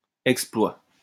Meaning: exploit, feat
- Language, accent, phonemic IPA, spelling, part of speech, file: French, France, /ɛk.splwa/, exploit, noun, LL-Q150 (fra)-exploit.wav